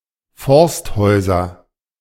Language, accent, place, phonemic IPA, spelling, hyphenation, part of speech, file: German, Germany, Berlin, /ˈfɔʁstˌhɔɪ̯zɐ/, Forsthäuser, Forst‧häu‧ser, noun, De-Forsthäuser.ogg
- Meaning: nominative/accusative/genitive plural of Forsthaus